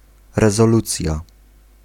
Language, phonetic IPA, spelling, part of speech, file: Polish, [ˌrɛzɔˈlut͡sʲja], rezolucja, noun, Pl-rezolucja.ogg